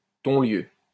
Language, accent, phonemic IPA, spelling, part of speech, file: French, France, /tɔ̃.ljø/, tonlieu, noun, LL-Q150 (fra)-tonlieu.wav
- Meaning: a feudal tax paid by stallholders at a fair or market